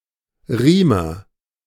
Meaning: a craftsman who makes straps and other leather items
- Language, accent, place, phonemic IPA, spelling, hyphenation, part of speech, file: German, Germany, Berlin, /ˈʁiːmɐ/, Riemer, Rie‧mer, noun, De-Riemer.ogg